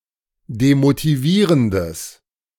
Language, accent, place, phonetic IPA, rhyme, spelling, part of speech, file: German, Germany, Berlin, [demotiˈviːʁəndəs], -iːʁəndəs, demotivierendes, adjective, De-demotivierendes.ogg
- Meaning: strong/mixed nominative/accusative neuter singular of demotivierend